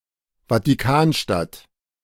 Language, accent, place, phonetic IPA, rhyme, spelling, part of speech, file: German, Germany, Berlin, [vatiˈkaːnˌʃtat], -aːnʃtat, Vatikanstadt, noun, De-Vatikanstadt.ogg
- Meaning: Vatican City (a city-state in Southern Europe, an enclave within the city of Rome, Italy)